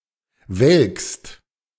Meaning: second-person singular present of welken
- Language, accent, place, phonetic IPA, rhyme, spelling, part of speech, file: German, Germany, Berlin, [vɛlkst], -ɛlkst, welkst, verb, De-welkst.ogg